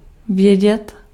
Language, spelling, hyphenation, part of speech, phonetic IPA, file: Czech, vědět, vě‧dět, verb, [ˈvjɛɟɛt], Cs-vědět.ogg
- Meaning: 1. to know [with accusative] 2. to know